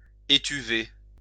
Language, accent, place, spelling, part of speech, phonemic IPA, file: French, France, Lyon, étuver, verb, /e.ty.ve/, LL-Q150 (fra)-étuver.wav
- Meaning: to dry in a drying oven